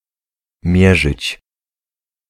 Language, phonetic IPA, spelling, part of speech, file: Polish, [ˈmʲjɛʒɨt͡ɕ], mierzyć, verb, Pl-mierzyć.ogg